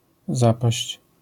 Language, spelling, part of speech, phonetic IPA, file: Polish, zapaść, noun / verb, [ˈzapaɕt͡ɕ], LL-Q809 (pol)-zapaść.wav